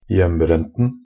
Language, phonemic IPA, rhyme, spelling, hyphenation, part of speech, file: Norwegian Bokmål, /ˈjɛmːbrɛntn̩/, -ɛntn̩, hjembrenten, hjem‧brent‧en, noun, Nb-hjembrenten.ogg
- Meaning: definite singular of hjembrent